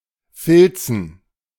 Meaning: dative plural of Filz
- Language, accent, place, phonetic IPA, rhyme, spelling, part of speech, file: German, Germany, Berlin, [ˈfɪlt͡sn̩], -ɪlt͡sn̩, Filzen, proper noun / noun, De-Filzen.ogg